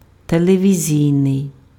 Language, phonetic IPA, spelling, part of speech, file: Ukrainian, [teɫeʋʲiˈzʲii̯nei̯], телевізійний, adjective, Uk-телевізійний.ogg
- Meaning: television (attributive), televisual (pertaining to television)